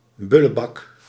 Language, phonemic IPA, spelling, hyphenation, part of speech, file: Dutch, /ˈbʏ.ləˌbɑk/, bullebak, bul‧le‧bak, noun, Nl-bullebak.ogg
- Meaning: 1. bully, jerk, churl (rude and nasty man) 2. bogeyman, bugbear 3. evil spirit, imp, demon